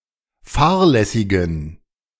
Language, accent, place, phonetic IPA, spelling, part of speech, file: German, Germany, Berlin, [ˈfaːɐ̯lɛsɪɡn̩], fahrlässigen, adjective, De-fahrlässigen.ogg
- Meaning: inflection of fahrlässig: 1. strong genitive masculine/neuter singular 2. weak/mixed genitive/dative all-gender singular 3. strong/weak/mixed accusative masculine singular 4. strong dative plural